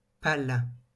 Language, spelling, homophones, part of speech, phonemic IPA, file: French, pale, pal / pales / pâle, noun, /pal/, LL-Q150 (fra)-pale.wav
- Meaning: 1. blade (of a propeller etc) 2. vane (of a windmill etc)